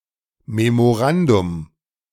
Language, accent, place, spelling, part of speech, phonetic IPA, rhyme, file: German, Germany, Berlin, Memorandum, noun, [memoˈʁandʊm], -andʊm, De-Memorandum.ogg
- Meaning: memorandum